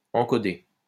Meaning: to encode
- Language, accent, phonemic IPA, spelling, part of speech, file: French, France, /ɑ̃.kɔ.de/, encoder, verb, LL-Q150 (fra)-encoder.wav